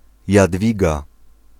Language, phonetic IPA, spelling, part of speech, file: Polish, [jadˈvʲiɡa], Jadwiga, proper noun, Pl-Jadwiga.ogg